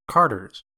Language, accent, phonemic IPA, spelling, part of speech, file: English, US, /ˈkɑɹ.dɚz/, carders, noun, En-us-carders.ogg
- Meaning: plural of carder